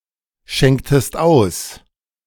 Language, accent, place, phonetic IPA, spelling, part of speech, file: German, Germany, Berlin, [ˌʃɛŋktəst ˈaʊ̯s], schenktest aus, verb, De-schenktest aus.ogg
- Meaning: inflection of ausschenken: 1. second-person singular preterite 2. second-person singular subjunctive II